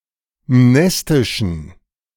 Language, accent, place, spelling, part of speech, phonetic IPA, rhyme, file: German, Germany, Berlin, mnestischen, adjective, [ˈmnɛstɪʃn̩], -ɛstɪʃn̩, De-mnestischen.ogg
- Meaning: inflection of mnestisch: 1. strong genitive masculine/neuter singular 2. weak/mixed genitive/dative all-gender singular 3. strong/weak/mixed accusative masculine singular 4. strong dative plural